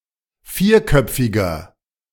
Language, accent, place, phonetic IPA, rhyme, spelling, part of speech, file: German, Germany, Berlin, [ˈfiːɐ̯ˌkœp͡fɪɡɐ], -iːɐ̯kœp͡fɪɡɐ, vierköpfiger, adjective, De-vierköpfiger.ogg
- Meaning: inflection of vierköpfig: 1. strong/mixed nominative masculine singular 2. strong genitive/dative feminine singular 3. strong genitive plural